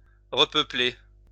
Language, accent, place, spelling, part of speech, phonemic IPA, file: French, France, Lyon, repeupler, verb, /ʁə.pœ.ple/, LL-Q150 (fra)-repeupler.wav
- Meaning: 1. to repopulate 2. to replant (trees); to restock (merchandise)